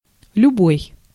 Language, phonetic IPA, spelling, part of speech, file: Russian, [lʲʊˈboj], любой, determiner, Ru-любой.ogg
- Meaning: any, either, whichever one wants